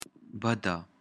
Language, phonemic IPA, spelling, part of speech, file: Pashto, /ˈbə.da/, بده, adjective / noun, Bëda.ogg
- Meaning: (adjective) bad; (noun) weft, woof